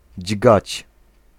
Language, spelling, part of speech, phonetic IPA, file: Polish, dźgać, verb, [d͡ʑɡat͡ɕ], Pl-dźgać.ogg